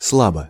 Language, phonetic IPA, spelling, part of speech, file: Russian, [ˈsɫabə], слабо, adverb / adjective, Ru-сла́бо.ogg
- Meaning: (adverb) 1. faintly, feebly, weakly 2. badly, poorly; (adjective) short neuter singular of сла́бый (slábyj)